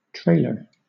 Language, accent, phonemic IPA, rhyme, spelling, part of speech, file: English, Southern England, /ˈtɹeɪlə(ɹ)/, -eɪlə(ɹ), trailer, noun / verb, LL-Q1860 (eng)-trailer.wav
- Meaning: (noun) 1. Someone who or something that trails (follows behind); something that is trailing 2. Part of an object which extends some distance beyond the main body of the object